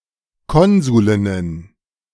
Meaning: plural of Konsulin
- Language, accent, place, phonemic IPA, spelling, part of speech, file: German, Germany, Berlin, /ˈkɔnzuˌlɪnən/, Konsulinnen, noun, De-Konsulinnen.ogg